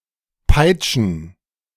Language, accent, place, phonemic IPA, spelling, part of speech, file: German, Germany, Berlin, /ˈpaɪ̯tʃən/, peitschen, verb, De-peitschen.ogg
- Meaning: to whip, to flog, to lash